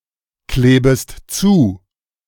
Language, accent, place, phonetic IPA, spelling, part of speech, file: German, Germany, Berlin, [ˌkleːbəst ˈt͡suː], klebest zu, verb, De-klebest zu.ogg
- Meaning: second-person singular subjunctive I of zukleben